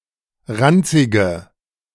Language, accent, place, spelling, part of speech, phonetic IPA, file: German, Germany, Berlin, ranzige, adjective, [ˈʁant͡sɪɡə], De-ranzige.ogg
- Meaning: inflection of ranzig: 1. strong/mixed nominative/accusative feminine singular 2. strong nominative/accusative plural 3. weak nominative all-gender singular 4. weak accusative feminine/neuter singular